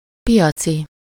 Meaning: of or relating to market
- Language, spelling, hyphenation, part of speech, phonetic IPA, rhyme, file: Hungarian, piaci, pi‧a‧ci, adjective, [ˈpijɒt͡si], -t͡si, Hu-piaci.ogg